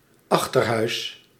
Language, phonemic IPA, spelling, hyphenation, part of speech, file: Dutch, /ˈɑx.tərˌɦœy̯s/, achterhuis, ach‧ter‧huis, noun, Nl-achterhuis.ogg
- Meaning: 1. back part of a house 2. backhouse, outbuilding 3. annex 4. secret annex